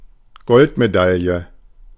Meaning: gold medal
- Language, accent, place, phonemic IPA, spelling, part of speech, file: German, Germany, Berlin, /ˈɡɔltmeˌdaljə/, Goldmedaille, noun, De-Goldmedaille.ogg